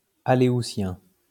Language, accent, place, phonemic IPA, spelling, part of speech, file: French, France, Lyon, /a.le.u.sjɛ̃/, aléoutien, adjective, LL-Q150 (fra)-aléoutien.wav
- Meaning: Aleutian